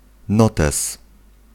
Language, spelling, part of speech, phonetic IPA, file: Polish, notes, noun, [ˈnɔtɛs], Pl-notes.ogg